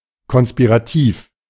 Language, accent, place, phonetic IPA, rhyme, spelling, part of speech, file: German, Germany, Berlin, [kɔnspiʁaˈtiːf], -iːf, konspirativ, adjective, De-konspirativ.ogg
- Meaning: covert, secret, conspiratory, conspirational